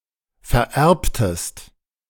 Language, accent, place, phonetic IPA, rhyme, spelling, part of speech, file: German, Germany, Berlin, [fɛɐ̯ˈʔɛʁptəst], -ɛʁptəst, vererbtest, verb, De-vererbtest.ogg
- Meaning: inflection of vererben: 1. second-person singular preterite 2. second-person singular subjunctive II